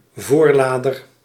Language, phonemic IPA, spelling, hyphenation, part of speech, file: Dutch, /ˈvoːrˌlaː.dər/, voorlader, voor‧la‧der, noun, Nl-voorlader.ogg
- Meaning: muzzleloader